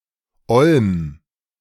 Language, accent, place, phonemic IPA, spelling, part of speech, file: German, Germany, Berlin, /ɔlm/, Olm, noun, De-Olm.ogg
- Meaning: olm (cave-dwelling salamander)